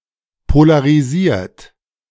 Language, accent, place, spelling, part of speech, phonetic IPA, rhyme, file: German, Germany, Berlin, polarisiert, verb, [polaʁiˈziːɐ̯t], -iːɐ̯t, De-polarisiert.ogg
- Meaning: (verb) past participle of polarisieren; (adjective) polarised / polarized; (verb) inflection of polarisieren: 1. third-person singular present 2. second-person plural present 3. plural imperative